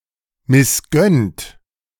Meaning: 1. past participle of missgönnen 2. inflection of missgönnen: second-person plural present 3. inflection of missgönnen: third-person singular present 4. inflection of missgönnen: plural imperative
- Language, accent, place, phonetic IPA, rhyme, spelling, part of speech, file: German, Germany, Berlin, [mɪsˈɡœnt], -œnt, missgönnt, verb, De-missgönnt.ogg